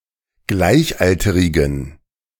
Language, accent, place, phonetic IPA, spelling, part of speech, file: German, Germany, Berlin, [ˈɡlaɪ̯çˌʔaltəʁɪɡn̩], gleichalterigen, adjective, De-gleichalterigen.ogg
- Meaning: inflection of gleichalterig: 1. strong genitive masculine/neuter singular 2. weak/mixed genitive/dative all-gender singular 3. strong/weak/mixed accusative masculine singular 4. strong dative plural